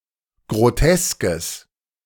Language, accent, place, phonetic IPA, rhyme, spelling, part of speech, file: German, Germany, Berlin, [ɡʁoˈtɛskəs], -ɛskəs, groteskes, adjective, De-groteskes.ogg
- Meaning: strong/mixed nominative/accusative neuter singular of grotesk